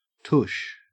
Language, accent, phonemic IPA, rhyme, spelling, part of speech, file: English, Australia, /tʊʃ/, -ʊʃ, tush, noun, En-au-tush.ogg
- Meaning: The buttocks